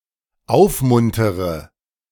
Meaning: inflection of aufmuntern: 1. first-person singular dependent present 2. first/third-person singular dependent subjunctive I
- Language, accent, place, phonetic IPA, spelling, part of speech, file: German, Germany, Berlin, [ˈaʊ̯fˌmʊntəʁə], aufmuntere, verb, De-aufmuntere.ogg